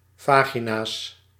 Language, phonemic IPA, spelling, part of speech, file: Dutch, /ˈvaɣinas/, vagina's, noun, Nl-vagina's.ogg
- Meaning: plural of vagina